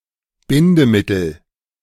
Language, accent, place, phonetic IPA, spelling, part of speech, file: German, Germany, Berlin, [ˈbɪndəˌmɪtl̩], Bindemittel, noun, De-Bindemittel.ogg
- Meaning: 1. binder, thickener 2. cement